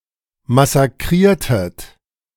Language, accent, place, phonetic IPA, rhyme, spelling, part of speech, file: German, Germany, Berlin, [masaˈkʁiːɐ̯tət], -iːɐ̯tət, massakriertet, verb, De-massakriertet.ogg
- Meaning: inflection of massakrieren: 1. second-person plural preterite 2. second-person plural subjunctive II